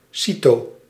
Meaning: cyto-
- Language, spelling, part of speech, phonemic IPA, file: Dutch, cyto-, prefix, /ˈsi.toː/, Nl-cyto-.ogg